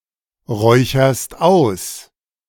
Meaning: second-person singular present of ausräuchern
- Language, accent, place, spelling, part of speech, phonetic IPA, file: German, Germany, Berlin, räucherst aus, verb, [ˌʁɔɪ̯çɐst ˈaʊ̯s], De-räucherst aus.ogg